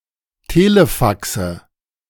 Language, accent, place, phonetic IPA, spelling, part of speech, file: German, Germany, Berlin, [ˈteːləˌfaksə], Telefaxe, noun, De-Telefaxe.ogg
- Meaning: nominative/accusative/genitive plural of Telefax